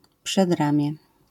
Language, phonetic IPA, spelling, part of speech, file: Polish, [pʃɛdˈrãmʲjɛ], przedramię, noun, LL-Q809 (pol)-przedramię.wav